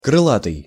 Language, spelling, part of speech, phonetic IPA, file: Russian, крылатый, adjective, [krɨˈɫatɨj], Ru-крылатый.ogg
- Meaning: winged